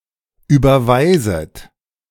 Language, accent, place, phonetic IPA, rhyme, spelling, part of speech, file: German, Germany, Berlin, [ˌyːbɐˈvaɪ̯zət], -aɪ̯zət, überweiset, verb, De-überweiset.ogg
- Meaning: second-person plural subjunctive I of überweisen